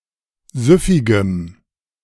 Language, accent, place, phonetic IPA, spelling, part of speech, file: German, Germany, Berlin, [ˈzʏfɪɡəm], süffigem, adjective, De-süffigem.ogg
- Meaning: strong dative masculine/neuter singular of süffig